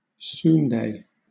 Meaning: Alternative form of soondae (“Korean dish made with intestines”)
- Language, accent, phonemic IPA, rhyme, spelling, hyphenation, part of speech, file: English, Southern England, /ˈsuːn.deɪ/, -uːndeɪ, sundae, sun‧dae, noun, LL-Q1860 (eng)-sundae.wav